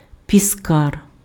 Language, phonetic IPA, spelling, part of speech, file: Ukrainian, [pʲiˈskar], піскар, noun, Uk-піскар.ogg
- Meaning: minnow (Phoxinus phoxinus)